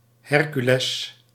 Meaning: Hercules
- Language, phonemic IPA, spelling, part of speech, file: Dutch, /ˈhɛrkyˌlɛs/, Hercules, proper noun, Nl-Hercules.ogg